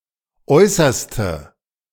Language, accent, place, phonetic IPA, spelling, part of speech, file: German, Germany, Berlin, [ˈɔɪ̯sɐstə], äußerste, adjective, De-äußerste.ogg
- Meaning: outermost, uttermost